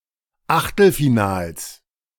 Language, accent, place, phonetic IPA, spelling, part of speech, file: German, Germany, Berlin, [ˈaxtl̩fiˌnaːls], Achtelfinals, noun, De-Achtelfinals.ogg
- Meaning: nominative/accusative/genitive plural of Achtelfinale